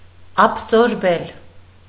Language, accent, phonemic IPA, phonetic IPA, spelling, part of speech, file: Armenian, Eastern Armenian, /ɑpʰsoɾˈbel/, [ɑpʰsoɾbél], աբսորբել, verb, Hy-աբսորբել.ogg
- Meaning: to absorb